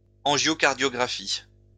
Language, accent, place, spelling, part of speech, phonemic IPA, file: French, France, Lyon, angiocardiographie, noun, /ɑ̃.ʒjɔ.kaʁ.djɔ.ɡʁa.fi/, LL-Q150 (fra)-angiocardiographie.wav
- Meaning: angiocardiography